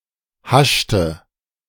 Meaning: inflection of haschen: 1. first/third-person singular preterite 2. first/third-person singular subjunctive II
- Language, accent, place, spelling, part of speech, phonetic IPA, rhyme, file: German, Germany, Berlin, haschte, verb, [ˈhaʃtə], -aʃtə, De-haschte.ogg